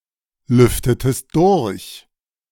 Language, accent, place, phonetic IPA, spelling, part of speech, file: German, Germany, Berlin, [ˌlʏftətəst ˈdʊʁç], lüftetest durch, verb, De-lüftetest durch.ogg
- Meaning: inflection of durchlüften: 1. second-person singular preterite 2. second-person singular subjunctive II